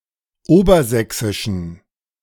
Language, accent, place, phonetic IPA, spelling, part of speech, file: German, Germany, Berlin, [ˈoːbɐˌzɛksɪʃn̩], obersächsischen, adjective, De-obersächsischen.ogg
- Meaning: inflection of obersächsisch: 1. strong genitive masculine/neuter singular 2. weak/mixed genitive/dative all-gender singular 3. strong/weak/mixed accusative masculine singular 4. strong dative plural